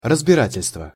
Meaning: hearing, examination, investigation (proceeding at which discussions are heard)
- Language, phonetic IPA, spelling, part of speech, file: Russian, [rəzbʲɪˈratʲɪlʲstvə], разбирательство, noun, Ru-разбирательство.ogg